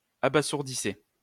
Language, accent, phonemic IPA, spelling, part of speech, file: French, France, /a.ba.zuʁ.di.se/, abasourdissez, verb, LL-Q150 (fra)-abasourdissez.wav
- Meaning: inflection of abasourdir: 1. second-person plural present indicative 2. second-person plural imperative